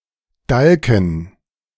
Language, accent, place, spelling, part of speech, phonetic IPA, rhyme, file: German, Germany, Berlin, Dalken, noun, [ˈdalkn̩], -alkn̩, De-Dalken.ogg
- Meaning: a type of sweet pastry similar to pancakes